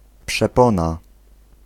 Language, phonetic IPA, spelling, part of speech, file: Polish, [pʃɛˈpɔ̃na], przepona, noun, Pl-przepona.ogg